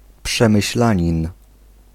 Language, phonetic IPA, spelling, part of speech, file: Polish, [ˌpʃɛ̃mɨɕˈlãɲĩn], przemyślanin, noun, Pl-przemyślanin.ogg